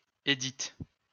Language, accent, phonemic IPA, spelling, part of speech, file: French, France, /e.dit/, Édith, proper noun, LL-Q150 (fra)-Édith.wav
- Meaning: a female given name, equivalent to English Edith